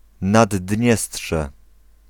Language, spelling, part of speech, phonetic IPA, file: Polish, Naddniestrze, proper noun, [nadˈdʲɲɛsṭʃɛ], Pl-Naddniestrze.ogg